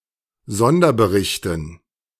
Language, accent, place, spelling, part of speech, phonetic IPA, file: German, Germany, Berlin, Sonderberichten, noun, [ˈzɔndɐbəˌʁɪçtn̩], De-Sonderberichten.ogg
- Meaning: dative plural of Sonderbericht